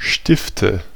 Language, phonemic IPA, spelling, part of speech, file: German, /ˈʃtɪftə/, Stifte, noun, De-Stifte.ogg
- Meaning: nominative/accusative/genitive plural of Stift "pens","pins","abbeys"